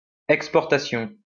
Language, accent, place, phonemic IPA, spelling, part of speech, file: French, France, Lyon, /ɛk.spɔʁ.ta.sjɔ̃/, exportation, noun, LL-Q150 (fra)-exportation.wav
- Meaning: exportation, export